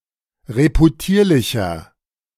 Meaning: 1. comparative degree of reputierlich 2. inflection of reputierlich: strong/mixed nominative masculine singular 3. inflection of reputierlich: strong genitive/dative feminine singular
- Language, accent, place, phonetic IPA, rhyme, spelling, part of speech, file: German, Germany, Berlin, [ʁepuˈtiːɐ̯lɪçɐ], -iːɐ̯lɪçɐ, reputierlicher, adjective, De-reputierlicher.ogg